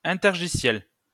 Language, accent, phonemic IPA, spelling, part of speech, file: French, France, /ɛ̃.tɛʁ.ʒi.sjɛl/, intergiciel, noun, LL-Q150 (fra)-intergiciel.wav
- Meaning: middleware